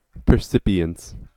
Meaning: 1. perception 2. The state or condition of being highly perceptive, as if in an almost hypnotic or telepathic state
- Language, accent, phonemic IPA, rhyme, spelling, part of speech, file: English, US, /pɚˈsɪp.i.əns/, -ɪpiəns, percipience, noun, En-us-percipience.ogg